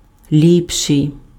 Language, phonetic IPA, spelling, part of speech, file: Ukrainian, [ˈlʲipʃei̯], ліпший, adjective, Uk-ліпший.ogg
- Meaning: comparative degree of до́брий (dóbryj): better